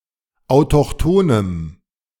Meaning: strong dative masculine/neuter singular of autochthon
- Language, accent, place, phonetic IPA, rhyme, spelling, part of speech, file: German, Germany, Berlin, [aʊ̯tɔxˈtoːnəm], -oːnəm, autochthonem, adjective, De-autochthonem.ogg